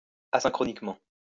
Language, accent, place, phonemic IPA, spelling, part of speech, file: French, France, Lyon, /a.sɛ̃.kʁɔ.nik.mɑ̃/, asynchroniquement, adverb, LL-Q150 (fra)-asynchroniquement.wav
- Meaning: asynchronically